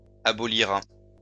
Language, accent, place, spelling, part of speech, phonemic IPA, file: French, France, Lyon, abolira, verb, /a.bɔ.li.ʁa/, LL-Q150 (fra)-abolira.wav
- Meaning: third-person singular future of abolir